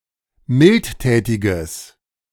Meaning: strong/mixed nominative/accusative neuter singular of mildtätig
- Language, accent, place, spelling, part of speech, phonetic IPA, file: German, Germany, Berlin, mildtätiges, adjective, [ˈmɪltˌtɛːtɪɡəs], De-mildtätiges.ogg